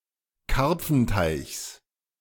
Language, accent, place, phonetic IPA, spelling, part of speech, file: German, Germany, Berlin, [ˈkaʁp͡fn̩taɪ̯çs], Karpfenteichs, noun, De-Karpfenteichs.ogg
- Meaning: genitive of Karpfenteich